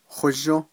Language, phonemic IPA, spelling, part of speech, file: Navajo, /hóʒṍ/, hózhǫ́, verb / noun / adverb, Nv-hózhǫ́.ogg
- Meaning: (verb) it is beautiful, peaceful, harmonious, nice; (noun) beauty and harmony, peace, balance, happiness and contentment, wholeness, goodness; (adverb) 1. well 2. very, extremely 3. very much